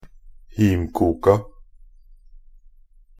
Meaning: definite plural of himkok
- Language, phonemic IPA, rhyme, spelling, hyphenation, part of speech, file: Norwegian Bokmål, /ˈhiːmkuːka/, -uːka, himkoka, him‧kok‧a, noun, Nb-himkoka.ogg